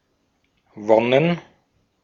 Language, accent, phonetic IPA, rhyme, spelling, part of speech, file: German, Austria, [ˈvɔnən], -ɔnən, Wonnen, noun, De-at-Wonnen.ogg
- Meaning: plural of Wonne (“delight”)